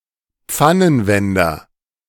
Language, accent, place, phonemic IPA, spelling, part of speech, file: German, Germany, Berlin, /ˈpfanənˌvɛndɐ/, Pfannenwender, noun, De-Pfannenwender.ogg
- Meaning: spatula (kitchen utensil)